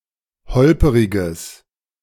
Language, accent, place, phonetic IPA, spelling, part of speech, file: German, Germany, Berlin, [ˈhɔlpəʁɪɡəs], holperiges, adjective, De-holperiges.ogg
- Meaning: strong/mixed nominative/accusative neuter singular of holperig